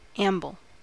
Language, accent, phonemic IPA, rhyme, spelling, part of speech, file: English, US, /ˈæm.bəl/, -æmbəl, amble, noun / verb, En-us-amble.ogg
- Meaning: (noun) 1. An unhurried leisurely walk or stroll 2. An easy gait, especially that of a horse 3. That which follows the preamble, by analogy; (verb) To stroll or walk slowly and leisurely